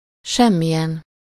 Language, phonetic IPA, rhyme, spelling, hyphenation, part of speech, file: Hungarian, [ˈʃɛmːijɛn], -ɛn, semmilyen, sem‧mi‧lyen, determiner / pronoun, Hu-semmilyen.ogg
- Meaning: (determiner) no (of no sort or kind); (pronoun) none (used in contrast with another thing of a specified quality)